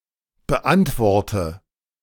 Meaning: inflection of beantworten: 1. first-person singular present 2. first/third-person singular subjunctive I 3. singular imperative
- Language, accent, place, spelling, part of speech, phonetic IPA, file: German, Germany, Berlin, beantworte, verb, [bəˈʔantvɔʁtə], De-beantworte.ogg